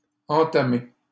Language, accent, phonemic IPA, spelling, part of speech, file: French, Canada, /ɑ̃.ta.me/, entamé, verb, LL-Q150 (fra)-entamé.wav
- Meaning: past participle of entamer